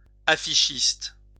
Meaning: poster designer
- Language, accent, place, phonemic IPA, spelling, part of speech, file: French, France, Lyon, /a.fi.ʃist/, affichiste, noun, LL-Q150 (fra)-affichiste.wav